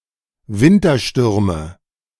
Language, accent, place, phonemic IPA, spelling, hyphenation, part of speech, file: German, Germany, Berlin, /ˈvɪntɐˌʃtʏʁmə/, Winterstürme, Win‧ter‧stür‧me, noun, De-Winterstürme.ogg
- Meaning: nominative genitive accusative plural of Wintersturm